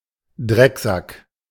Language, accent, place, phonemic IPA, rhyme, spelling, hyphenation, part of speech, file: German, Germany, Berlin, /ˈdʁɛkzak/, -ak, Drecksack, Dreck‧sack, noun, De-Drecksack.ogg
- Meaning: scumbag